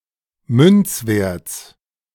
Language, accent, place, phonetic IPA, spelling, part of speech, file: German, Germany, Berlin, [ˈmʏnt͡sˌveːɐ̯t͡s], Münzwerts, noun, De-Münzwerts.ogg
- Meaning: genitive singular of Münzwert